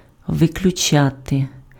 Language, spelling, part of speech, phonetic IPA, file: Ukrainian, виключати, verb, [ʋeklʲʊˈt͡ʃate], Uk-виключати.ogg
- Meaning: 1. to exclude 2. to expel 3. to eliminate, to rule out